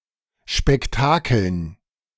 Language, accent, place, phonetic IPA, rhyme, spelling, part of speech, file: German, Germany, Berlin, [ʃpɛkˈtaːkl̩n], -aːkl̩n, Spektakeln, noun, De-Spektakeln.ogg
- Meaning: dative plural of Spektakel